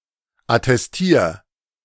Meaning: 1. singular imperative of attestieren 2. first-person singular present of attestieren
- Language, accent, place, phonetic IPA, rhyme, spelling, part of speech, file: German, Germany, Berlin, [atɛsˈtiːɐ̯], -iːɐ̯, attestier, verb, De-attestier.ogg